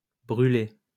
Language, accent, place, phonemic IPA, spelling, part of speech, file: French, France, Lyon, /bʁy.le/, brûlés, verb, LL-Q150 (fra)-brûlés.wav
- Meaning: masculine plural of brûlé